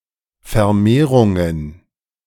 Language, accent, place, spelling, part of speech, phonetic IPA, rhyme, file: German, Germany, Berlin, Vermehrungen, noun, [fɛɐ̯ˈmeːʁʊŋən], -eːʁʊŋən, De-Vermehrungen.ogg
- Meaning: plural of Vermehrung